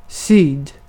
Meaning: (adverb) towards south, southward; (noun) south (one of the four major compass points)
- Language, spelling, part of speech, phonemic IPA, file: Swedish, syd, adverb / noun, /syːd/, Sv-syd.ogg